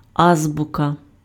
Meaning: alphabet (an ordered set of letters used in a language), especially the old Cyrillic alphabet
- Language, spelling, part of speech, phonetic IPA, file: Ukrainian, азбука, noun, [ˈazbʊkɐ], Uk-азбука.ogg